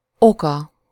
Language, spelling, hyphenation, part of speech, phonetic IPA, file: Hungarian, oka, oka, noun, [ˈokɒ], Hu-oka.ogg
- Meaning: third-person singular single-possession possessive of ok